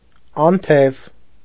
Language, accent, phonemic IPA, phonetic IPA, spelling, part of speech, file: Armenian, Eastern Armenian, /ɑnˈtʰev/, [ɑntʰév], անթև, adjective, Hy-անթև.ogg
- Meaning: 1. wingless, without wings 2. sleeveless